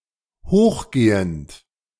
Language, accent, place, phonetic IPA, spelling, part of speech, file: German, Germany, Berlin, [ˈhoːxˌɡeːənt], hochgehend, verb, De-hochgehend.ogg
- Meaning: present participle of hochgehen